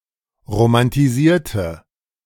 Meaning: inflection of romantisieren: 1. first/third-person singular preterite 2. first/third-person singular subjunctive II
- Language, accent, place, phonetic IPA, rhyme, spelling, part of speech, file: German, Germany, Berlin, [ʁomantiˈziːɐ̯tə], -iːɐ̯tə, romantisierte, adjective / verb, De-romantisierte.ogg